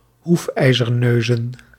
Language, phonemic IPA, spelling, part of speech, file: Dutch, /ˈhufɛizərˌnøzə(n)/, hoefijzerneuzen, noun, Nl-hoefijzerneuzen.ogg
- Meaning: plural of hoefijzerneus